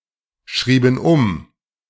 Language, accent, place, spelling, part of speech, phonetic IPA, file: German, Germany, Berlin, schrieben um, verb, [ˌʃʁiːbn̩ ˈʊm], De-schrieben um.ogg
- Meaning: inflection of umschreiben: 1. first/third-person plural preterite 2. first/third-person plural subjunctive II